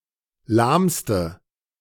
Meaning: inflection of lahm: 1. strong/mixed nominative/accusative feminine singular superlative degree 2. strong nominative/accusative plural superlative degree
- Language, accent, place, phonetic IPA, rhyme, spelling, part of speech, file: German, Germany, Berlin, [ˈlaːmstə], -aːmstə, lahmste, adjective, De-lahmste.ogg